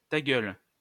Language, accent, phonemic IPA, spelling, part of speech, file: French, France, /ta ɡœl/, ta gueule, interjection, LL-Q150 (fra)-ta gueule.wav
- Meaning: shut your mouth!, shut up!, shut it!